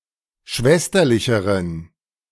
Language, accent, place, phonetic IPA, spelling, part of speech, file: German, Germany, Berlin, [ˈʃvɛstɐlɪçəʁən], schwesterlicheren, adjective, De-schwesterlicheren.ogg
- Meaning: inflection of schwesterlich: 1. strong genitive masculine/neuter singular comparative degree 2. weak/mixed genitive/dative all-gender singular comparative degree